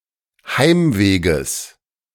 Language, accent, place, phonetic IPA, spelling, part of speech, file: German, Germany, Berlin, [ˈhaɪ̯mˌveːɡəs], Heimweges, noun, De-Heimweges.ogg
- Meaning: genitive of Heimweg